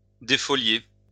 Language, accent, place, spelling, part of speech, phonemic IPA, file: French, France, Lyon, défolier, verb, /de.fɔ.lje/, LL-Q150 (fra)-défolier.wav
- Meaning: to defoliate